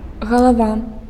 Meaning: head (part of the body)
- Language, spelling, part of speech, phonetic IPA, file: Belarusian, галава, noun, [ɣaɫaˈva], Be-галава.ogg